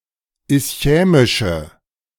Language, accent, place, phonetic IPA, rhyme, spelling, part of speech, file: German, Germany, Berlin, [ɪsˈçɛːmɪʃə], -ɛːmɪʃə, ischämische, adjective, De-ischämische.ogg
- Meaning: inflection of ischämisch: 1. strong/mixed nominative/accusative feminine singular 2. strong nominative/accusative plural 3. weak nominative all-gender singular